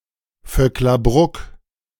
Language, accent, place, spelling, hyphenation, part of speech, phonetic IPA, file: German, Germany, Berlin, Vöcklabruck, Vöck‧la‧bruck, proper noun, [ˌfœklaˈbʁʊk], De-Vöcklabruck.ogg
- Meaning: a municipality of Upper Austria, Austria